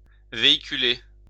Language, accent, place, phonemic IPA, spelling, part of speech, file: French, France, Lyon, /ve.i.ky.le/, véhiculer, verb, LL-Q150 (fra)-véhiculer.wav
- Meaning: 1. to transport in a vehicle, to carry 2. to promote, to convey (a message), to carry